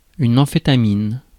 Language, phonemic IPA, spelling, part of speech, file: French, /ɑ̃.fe.ta.min/, amphétamine, noun, Fr-amphétamine.ogg
- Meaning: amphetamine